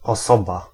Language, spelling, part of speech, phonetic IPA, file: Polish, osoba, noun, [ɔˈsɔba], Pl-osoba.ogg